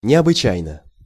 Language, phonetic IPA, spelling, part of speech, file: Russian, [nʲɪəbɨˈt͡ɕæjnə], необычайно, adverb, Ru-необычайно.ogg
- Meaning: 1. exceptionally, extraordinarily, rarely, unusually 2. surprisingly 3. very, extremely